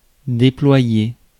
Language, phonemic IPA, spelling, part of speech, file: French, /de.plwa.je/, déployer, verb, Fr-déployer.ogg
- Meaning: 1. to spread out, to unfold 2. to deploy (troops, etc.)